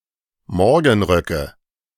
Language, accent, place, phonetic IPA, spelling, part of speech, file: German, Germany, Berlin, [ˈmɔʁɡn̩ˌʁœkə], Morgenröcke, noun, De-Morgenröcke.ogg
- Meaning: nominative/accusative/genitive plural of Morgenrock